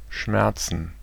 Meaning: plural of Schmerz
- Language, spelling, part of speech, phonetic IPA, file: German, Schmerzen, noun, [ˈʃmɛɐ̯.tsən], De-Schmerzen.ogg